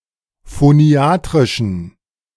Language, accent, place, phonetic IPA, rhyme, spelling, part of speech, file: German, Germany, Berlin, [foˈni̯aːtʁɪʃn̩], -aːtʁɪʃn̩, phoniatrischen, adjective, De-phoniatrischen.ogg
- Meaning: inflection of phoniatrisch: 1. strong genitive masculine/neuter singular 2. weak/mixed genitive/dative all-gender singular 3. strong/weak/mixed accusative masculine singular 4. strong dative plural